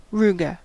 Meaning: A fold, crease or wrinkle
- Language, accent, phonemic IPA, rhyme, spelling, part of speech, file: English, US, /ˈɹuː.ɡə/, -uːɡə, ruga, noun, En-us-ruga.ogg